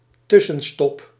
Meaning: 1. stopover 2. layover
- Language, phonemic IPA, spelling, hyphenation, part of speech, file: Dutch, /ˈtʏ.sə(n)ˌstɔp/, tussenstop, tus‧sen‧stop, noun, Nl-tussenstop.ogg